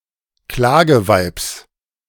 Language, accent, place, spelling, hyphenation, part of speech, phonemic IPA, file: German, Germany, Berlin, Klageweibs, Kla‧ge‧weibs, noun, /ˈklaːɡəˌvaɪ̯ps/, De-Klageweibs.ogg
- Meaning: genitive singular of Klageweib